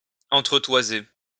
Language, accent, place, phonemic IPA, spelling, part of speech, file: French, France, Lyon, /ɑ̃.tʁə.twa.ze/, entretoiser, verb, LL-Q150 (fra)-entretoiser.wav
- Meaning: to brace, to put a brace/crosspiece between (two beams)